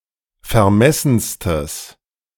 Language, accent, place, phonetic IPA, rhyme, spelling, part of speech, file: German, Germany, Berlin, [fɛɐ̯ˈmɛsn̩stəs], -ɛsn̩stəs, vermessenstes, adjective, De-vermessenstes.ogg
- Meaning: strong/mixed nominative/accusative neuter singular superlative degree of vermessen